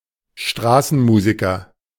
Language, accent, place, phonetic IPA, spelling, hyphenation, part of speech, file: German, Germany, Berlin, [ˈʃtʁaːsn̩ˌmuːzɪkɐ], Straßenmusiker, Stra‧ßen‧mu‧si‧ker, noun, De-Straßenmusiker.ogg
- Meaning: street musician, busker (male or of unspecified sex)